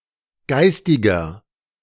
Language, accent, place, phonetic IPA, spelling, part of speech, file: German, Germany, Berlin, [ˈɡaɪ̯stɪɡɐ], geistiger, adjective, De-geistiger.ogg
- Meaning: inflection of geistig: 1. strong/mixed nominative masculine singular 2. strong genitive/dative feminine singular 3. strong genitive plural